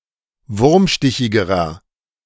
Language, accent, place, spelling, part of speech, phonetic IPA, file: German, Germany, Berlin, wurmstichigerer, adjective, [ˈvʊʁmˌʃtɪçɪɡəʁɐ], De-wurmstichigerer.ogg
- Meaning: inflection of wurmstichig: 1. strong/mixed nominative masculine singular comparative degree 2. strong genitive/dative feminine singular comparative degree 3. strong genitive plural comparative degree